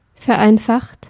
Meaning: 1. past participle of vereinfachen 2. inflection of vereinfachen: third-person singular present 3. inflection of vereinfachen: second-person plural present
- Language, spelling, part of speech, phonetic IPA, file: German, vereinfacht, verb, [fɛɐ̯ˈʔaɪ̯nfaxt], De-vereinfacht.ogg